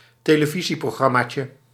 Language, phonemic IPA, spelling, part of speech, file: Dutch, /ˌteləˈviziproˌɣrɑmacə/, televisieprogrammaatje, noun, Nl-televisieprogrammaatje.ogg
- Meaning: diminutive of televisieprogramma